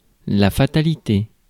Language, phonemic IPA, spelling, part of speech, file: French, /fa.ta.li.te/, fatalité, noun, Fr-fatalité.ogg
- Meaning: fatality